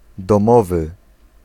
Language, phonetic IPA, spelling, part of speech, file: Polish, [dɔ̃ˈmɔvɨ], domowy, adjective, Pl-domowy.ogg